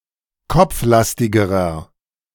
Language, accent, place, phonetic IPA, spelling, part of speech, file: German, Germany, Berlin, [ˈkɔp͡fˌlastɪɡəʁɐ], kopflastigerer, adjective, De-kopflastigerer.ogg
- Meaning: inflection of kopflastig: 1. strong/mixed nominative masculine singular comparative degree 2. strong genitive/dative feminine singular comparative degree 3. strong genitive plural comparative degree